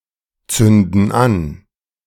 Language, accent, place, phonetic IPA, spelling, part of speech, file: German, Germany, Berlin, [ˌt͡sʏndn̩ ˈan], zünden an, verb, De-zünden an.ogg
- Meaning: inflection of anzünden: 1. first/third-person plural present 2. first/third-person plural subjunctive I